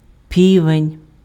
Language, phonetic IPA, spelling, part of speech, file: Ukrainian, [ˈpʲiʋenʲ], півень, noun, Uk-півень.ogg
- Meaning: rooster, cock